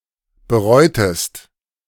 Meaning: inflection of bereuen: 1. second-person singular preterite 2. second-person singular subjunctive II
- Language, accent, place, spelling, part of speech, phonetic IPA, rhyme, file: German, Germany, Berlin, bereutest, verb, [bəˈʁɔɪ̯təst], -ɔɪ̯təst, De-bereutest.ogg